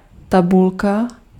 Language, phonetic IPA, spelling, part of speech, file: Czech, [ˈtabulka], tabulka, noun, Cs-tabulka.ogg
- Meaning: 1. table (grid of data arranged in rows and columns) 2. table (database)